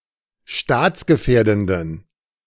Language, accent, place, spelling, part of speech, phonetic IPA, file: German, Germany, Berlin, staatsgefährdenden, adjective, [ˈʃtaːt͡sɡəˌfɛːɐ̯dn̩dən], De-staatsgefährdenden.ogg
- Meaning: inflection of staatsgefährdend: 1. strong genitive masculine/neuter singular 2. weak/mixed genitive/dative all-gender singular 3. strong/weak/mixed accusative masculine singular